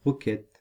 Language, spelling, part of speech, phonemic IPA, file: French, roquette, noun, /ʁɔ.kɛt/, Fr-roquette.ogg
- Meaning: 1. rocket (weapon) 2. rocket (UK, Australia, NZ); arugula (US) (plant)